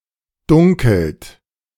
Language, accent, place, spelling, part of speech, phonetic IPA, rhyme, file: German, Germany, Berlin, dunkelt, verb, [ˈdʊŋkl̩t], -ʊŋkl̩t, De-dunkelt.ogg
- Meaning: inflection of dunkeln: 1. third-person singular present 2. second-person plural present 3. plural imperative